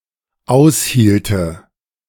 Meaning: first/third-person singular dependent subjunctive II of aushalten
- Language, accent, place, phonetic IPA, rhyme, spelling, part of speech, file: German, Germany, Berlin, [ˈaʊ̯sˌhiːltə], -aʊ̯shiːltə, aushielte, verb, De-aushielte.ogg